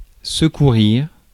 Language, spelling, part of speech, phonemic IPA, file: French, secourir, verb, /sə.ku.ʁiʁ/, Fr-secourir.ogg
- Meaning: to succor; to help out